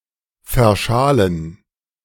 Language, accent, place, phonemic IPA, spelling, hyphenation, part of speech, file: German, Germany, Berlin, /fɛɐ̯ˈʃaːlən/, verschalen, ver‧scha‧len, verb, De-verschalen.ogg
- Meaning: to plank; to lag